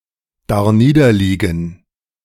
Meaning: 1. to be sick 2. to languish
- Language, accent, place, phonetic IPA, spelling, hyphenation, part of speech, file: German, Germany, Berlin, [daʁˈniːdɐˌliːɡn̩], darniederliegen, dar‧nie‧der‧lie‧gen, verb, De-darniederliegen.ogg